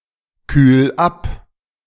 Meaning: 1. singular imperative of abkühlen 2. first-person singular present of abkühlen
- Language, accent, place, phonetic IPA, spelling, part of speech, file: German, Germany, Berlin, [ˌkyːl ˈap], kühl ab, verb, De-kühl ab.ogg